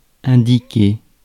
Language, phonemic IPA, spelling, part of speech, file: French, /ɛ̃.di.ke/, indiquer, verb, Fr-indiquer.ogg
- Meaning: 1. to connote (to signify beyond principal meaning) 2. to show, indicate 3. to prescribe 4. to point to, to point out